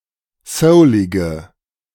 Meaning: inflection of soulig: 1. strong/mixed nominative/accusative feminine singular 2. strong nominative/accusative plural 3. weak nominative all-gender singular 4. weak accusative feminine/neuter singular
- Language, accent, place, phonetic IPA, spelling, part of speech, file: German, Germany, Berlin, [ˈsəʊlɪɡə], soulige, adjective, De-soulige.ogg